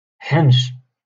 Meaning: 1. snake 2. policeman
- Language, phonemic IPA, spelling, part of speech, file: Moroccan Arabic, /ħanʃ/, حنش, noun, LL-Q56426 (ary)-حنش.wav